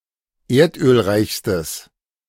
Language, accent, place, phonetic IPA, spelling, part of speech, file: German, Germany, Berlin, [ˈeːɐ̯tʔøːlˌʁaɪ̯çstəs], erdölreichstes, adjective, De-erdölreichstes.ogg
- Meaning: strong/mixed nominative/accusative neuter singular superlative degree of erdölreich